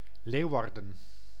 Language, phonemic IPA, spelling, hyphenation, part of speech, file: Dutch, /ˈleːu̯.ɑr.də(n)/, Leeuwarden, Leeuw‧ar‧den, proper noun, Nl-Leeuwarden.ogg
- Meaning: Leeuwarden (a city, municipality, and capital of Friesland, Netherlands)